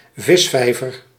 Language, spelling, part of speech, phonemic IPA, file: Dutch, visvijver, noun, /ˈvɪsfɛivər/, Nl-visvijver.ogg
- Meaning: a fishpond